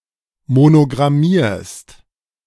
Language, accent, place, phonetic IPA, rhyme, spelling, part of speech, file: German, Germany, Berlin, [monoɡʁaˈmiːɐ̯st], -iːɐ̯st, monogrammierst, verb, De-monogrammierst.ogg
- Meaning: second-person singular present of monogrammieren